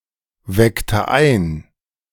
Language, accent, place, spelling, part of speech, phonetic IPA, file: German, Germany, Berlin, weckte ein, verb, [ˌvɛktə ˈaɪ̯n], De-weckte ein.ogg
- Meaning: inflection of einwecken: 1. first/third-person singular preterite 2. first/third-person singular subjunctive II